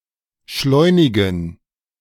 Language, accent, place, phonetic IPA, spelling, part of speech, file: German, Germany, Berlin, [ˈʃlɔɪ̯nɪɡn̩], schleunigen, adjective, De-schleunigen.ogg
- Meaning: inflection of schleunig: 1. strong genitive masculine/neuter singular 2. weak/mixed genitive/dative all-gender singular 3. strong/weak/mixed accusative masculine singular 4. strong dative plural